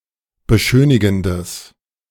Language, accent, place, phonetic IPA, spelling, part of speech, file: German, Germany, Berlin, [bəˈʃøːnɪɡn̩dəs], beschönigendes, adjective, De-beschönigendes.ogg
- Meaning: strong/mixed nominative/accusative neuter singular of beschönigend